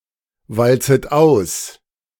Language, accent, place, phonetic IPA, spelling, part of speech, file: German, Germany, Berlin, [ˌvalt͡sət ˈaʊ̯s], walzet aus, verb, De-walzet aus.ogg
- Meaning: second-person plural subjunctive I of auswalzen